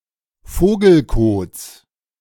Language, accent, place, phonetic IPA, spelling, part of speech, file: German, Germany, Berlin, [ˈfoːɡl̩ˌkoːt͡s], Vogelkots, noun, De-Vogelkots.ogg
- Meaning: genitive singular of Vogelkot